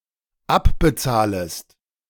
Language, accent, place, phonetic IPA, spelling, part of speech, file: German, Germany, Berlin, [ˈapbəˌt͡saːləst], abbezahlest, verb, De-abbezahlest.ogg
- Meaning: second-person singular dependent subjunctive I of abbezahlen